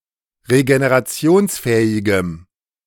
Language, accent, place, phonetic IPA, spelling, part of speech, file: German, Germany, Berlin, [ʁeɡeneʁaˈt͡si̯oːnsˌfɛːɪɡəm], regenerationsfähigem, adjective, De-regenerationsfähigem.ogg
- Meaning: strong dative masculine/neuter singular of regenerationsfähig